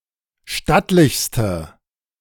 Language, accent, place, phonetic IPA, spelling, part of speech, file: German, Germany, Berlin, [ˈʃtatlɪçstə], stattlichste, adjective, De-stattlichste.ogg
- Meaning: inflection of stattlich: 1. strong/mixed nominative/accusative feminine singular superlative degree 2. strong nominative/accusative plural superlative degree